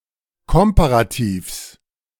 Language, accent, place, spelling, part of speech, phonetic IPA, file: German, Germany, Berlin, Komparativs, noun, [ˈkɔmpaʁatiːfs], De-Komparativs.ogg
- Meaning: genitive singular of Komparativ